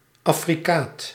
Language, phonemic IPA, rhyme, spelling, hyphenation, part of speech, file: Dutch, /ɑfriˈkaːt/, -aːt, affricaat, af‧fri‧caat, noun, Nl-affricaat.ogg
- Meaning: affricate